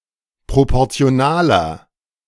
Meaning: 1. comparative degree of proportional 2. inflection of proportional: strong/mixed nominative masculine singular 3. inflection of proportional: strong genitive/dative feminine singular
- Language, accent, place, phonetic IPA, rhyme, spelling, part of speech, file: German, Germany, Berlin, [ˌpʁopɔʁt͡si̯oˈnaːlɐ], -aːlɐ, proportionaler, adjective, De-proportionaler.ogg